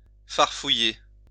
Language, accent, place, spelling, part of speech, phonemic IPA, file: French, France, Lyon, farfouiller, verb, /faʁ.fu.je/, LL-Q150 (fra)-farfouiller.wav
- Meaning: to rummage around